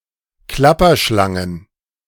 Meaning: plural of Klapperschlange
- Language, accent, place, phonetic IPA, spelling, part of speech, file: German, Germany, Berlin, [ˈklapɐˌʃlaŋən], Klapperschlangen, noun, De-Klapperschlangen.ogg